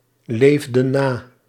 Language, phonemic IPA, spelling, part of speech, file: Dutch, /ˈlevdə(n) ˈna/, leefden na, verb, Nl-leefden na.ogg
- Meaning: inflection of naleven: 1. plural past indicative 2. plural past subjunctive